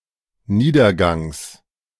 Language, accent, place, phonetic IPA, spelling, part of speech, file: German, Germany, Berlin, [ˈniːdɐˌɡaŋs], Niedergangs, noun, De-Niedergangs.ogg
- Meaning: genitive singular of Niedergang